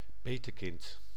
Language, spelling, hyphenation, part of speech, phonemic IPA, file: Dutch, petekind, pe‧te‧kind, noun, /ˈpeː.təˌkɪnt/, Nl-petekind.ogg
- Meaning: godchild, godkid (child with a godparent)